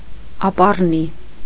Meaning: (adjective) future; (noun) future tense
- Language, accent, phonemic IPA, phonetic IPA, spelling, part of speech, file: Armenian, Eastern Armenian, /ɑpɑrˈni/, [ɑpɑrní], ապառնի, adjective / noun, Hy-ապառնի.ogg